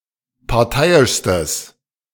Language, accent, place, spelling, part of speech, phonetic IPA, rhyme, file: German, Germany, Berlin, parteiischstes, adjective, [paʁˈtaɪ̯ɪʃstəs], -aɪ̯ɪʃstəs, De-parteiischstes.ogg
- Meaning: strong/mixed nominative/accusative neuter singular superlative degree of parteiisch